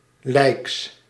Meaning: -ly
- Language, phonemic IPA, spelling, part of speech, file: Dutch, /ləks/, -lijks, suffix, Nl--lijks.ogg